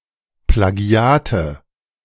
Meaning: nominative/accusative/genitive plural of Plagiat
- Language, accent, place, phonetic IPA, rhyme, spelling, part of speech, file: German, Germany, Berlin, [plaˈɡi̯aːtə], -aːtə, Plagiate, noun, De-Plagiate.ogg